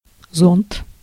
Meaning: 1. umbrella 2. sunshade, parasol 3. canopy, awning 4. cupola 5. hood (of furnace)
- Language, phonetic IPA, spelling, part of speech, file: Russian, [zont], зонт, noun, Ru-зонт.ogg